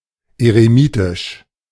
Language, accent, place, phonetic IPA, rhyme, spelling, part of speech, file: German, Germany, Berlin, [eʁeˈmiːtɪʃ], -iːtɪʃ, eremitisch, adjective, De-eremitisch.ogg
- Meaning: hermitic, hermitlike, eremitic